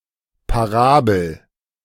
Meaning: 1. parable 2. parabola
- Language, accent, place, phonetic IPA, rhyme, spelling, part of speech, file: German, Germany, Berlin, [paˈʁaːbl̩], -aːbl̩, Parabel, noun, De-Parabel.ogg